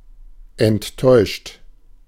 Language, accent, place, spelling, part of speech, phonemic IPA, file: German, Germany, Berlin, enttäuscht, verb / adjective, /ɛnˈtɔɪ̯ʃt/, De-enttäuscht.ogg
- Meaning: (verb) past participle of enttäuschen; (adjective) disappointed (defeated of hope or expectation)